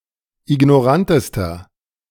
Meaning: inflection of ignorant: 1. strong/mixed nominative masculine singular superlative degree 2. strong genitive/dative feminine singular superlative degree 3. strong genitive plural superlative degree
- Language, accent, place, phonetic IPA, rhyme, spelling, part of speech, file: German, Germany, Berlin, [ɪɡnɔˈʁantəstɐ], -antəstɐ, ignorantester, adjective, De-ignorantester.ogg